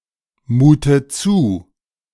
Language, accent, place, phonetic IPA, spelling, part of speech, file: German, Germany, Berlin, [ˌmuːtə ˈt͡suː], mute zu, verb, De-mute zu.ogg
- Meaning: inflection of zumuten: 1. first-person singular present 2. first/third-person singular subjunctive I 3. singular imperative